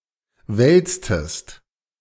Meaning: inflection of wälzen: 1. second-person singular preterite 2. second-person singular subjunctive II
- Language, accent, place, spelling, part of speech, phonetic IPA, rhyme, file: German, Germany, Berlin, wälztest, verb, [ˈvɛlt͡stəst], -ɛlt͡stəst, De-wälztest.ogg